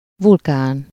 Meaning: volcano
- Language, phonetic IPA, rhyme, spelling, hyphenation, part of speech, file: Hungarian, [ˈvulkaːn], -aːn, vulkán, vul‧kán, noun, Hu-vulkán.ogg